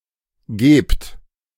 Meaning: inflection of geben: 1. second-person plural present 2. plural imperative
- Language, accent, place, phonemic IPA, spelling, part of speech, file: German, Germany, Berlin, /ɡeːpt/, gebt, verb, De-gebt.ogg